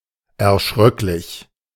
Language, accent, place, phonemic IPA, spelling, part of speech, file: German, Germany, Berlin, /ɛɐ̯ˈʃʁœklɪç/, erschröcklich, adjective, De-erschröcklich.ogg
- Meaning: terrible, terrifying